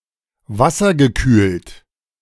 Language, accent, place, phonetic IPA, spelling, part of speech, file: German, Germany, Berlin, [ˈvasɐɡəˌkyːlt], wassergekühlt, adjective, De-wassergekühlt.ogg
- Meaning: water-cooled